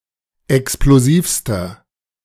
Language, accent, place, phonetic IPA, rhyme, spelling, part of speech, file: German, Germany, Berlin, [ɛksploˈziːfstɐ], -iːfstɐ, explosivster, adjective, De-explosivster.ogg
- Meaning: inflection of explosiv: 1. strong/mixed nominative masculine singular superlative degree 2. strong genitive/dative feminine singular superlative degree 3. strong genitive plural superlative degree